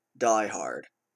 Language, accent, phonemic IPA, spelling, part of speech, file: English, US, /ˈdaɪ.hɑɹd/, diehard, adjective / noun, En-ca-diehard.oga
- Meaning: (adjective) 1. Unreasonably or stubbornly resisting change 2. Fanatically opposing progress or reform